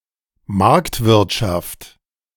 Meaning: market economy (type of economy)
- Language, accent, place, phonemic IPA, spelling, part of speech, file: German, Germany, Berlin, /ˈmaʁktˌvɪʁtʃaft/, Marktwirtschaft, noun, De-Marktwirtschaft.ogg